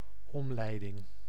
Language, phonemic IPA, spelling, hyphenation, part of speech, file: Dutch, /ˈɔm.lɛi̯.dɪŋ/, omleiding, om‧lei‧ding, noun, Nl-omleiding.ogg
- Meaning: detour, diversion (of traffic, routes)